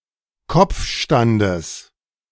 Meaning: genitive of Kopfstand
- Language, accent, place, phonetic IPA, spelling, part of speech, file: German, Germany, Berlin, [ˈkɔp͡fˌʃtandəs], Kopfstandes, noun, De-Kopfstandes.ogg